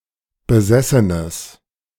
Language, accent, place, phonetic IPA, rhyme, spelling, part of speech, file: German, Germany, Berlin, [bəˈzɛsənəs], -ɛsənəs, besessenes, adjective, De-besessenes.ogg
- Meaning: strong/mixed nominative/accusative neuter singular of besessen